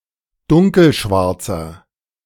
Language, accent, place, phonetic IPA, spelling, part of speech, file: German, Germany, Berlin, [ˈdʊŋkl̩ˌʃvaʁt͡sɐ], dunkelschwarzer, adjective, De-dunkelschwarzer.ogg
- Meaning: inflection of dunkelschwarz: 1. strong/mixed nominative masculine singular 2. strong genitive/dative feminine singular 3. strong genitive plural